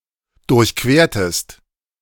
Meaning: inflection of durchqueren: 1. second-person singular preterite 2. second-person singular subjunctive II
- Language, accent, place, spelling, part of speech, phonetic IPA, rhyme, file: German, Germany, Berlin, durchquertest, verb, [dʊʁçˈkveːɐ̯təst], -eːɐ̯təst, De-durchquertest.ogg